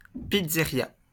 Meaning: pizzeria
- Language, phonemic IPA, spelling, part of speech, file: French, /pid.ze.ʁja/, pizzéria, noun, LL-Q150 (fra)-pizzéria.wav